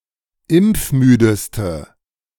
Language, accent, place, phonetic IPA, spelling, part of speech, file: German, Germany, Berlin, [ˈɪmp͡fˌmyːdəstə], impfmüdeste, adjective, De-impfmüdeste.ogg
- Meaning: inflection of impfmüde: 1. strong/mixed nominative/accusative feminine singular superlative degree 2. strong nominative/accusative plural superlative degree